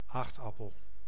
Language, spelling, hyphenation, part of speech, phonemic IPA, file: Dutch, aagtappel, aagt‧ap‧pel, noun, /ˈaːxtɑpəl/, Nl-aagtappel.ogg
- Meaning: light sour breed of apple